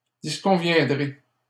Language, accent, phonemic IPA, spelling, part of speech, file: French, Canada, /dis.kɔ̃.vjɛ̃.dʁe/, disconviendrai, verb, LL-Q150 (fra)-disconviendrai.wav
- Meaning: first-person singular simple future of disconvenir